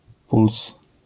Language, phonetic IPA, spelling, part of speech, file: Polish, [puls], puls, noun, LL-Q809 (pol)-puls.wav